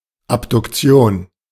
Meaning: 1. abduction (movement separating limb from axis) 2. abduction; abductive reasoning
- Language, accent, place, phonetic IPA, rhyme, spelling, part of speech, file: German, Germany, Berlin, [ˌapdʊkˈt͡si̯oːn], -oːn, Abduktion, noun, De-Abduktion.ogg